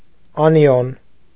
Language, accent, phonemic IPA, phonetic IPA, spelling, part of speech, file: Armenian, Eastern Armenian, /ɑniˈjon/, [ɑnijón], անիոն, noun, Hy-անիոն.ogg
- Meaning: anion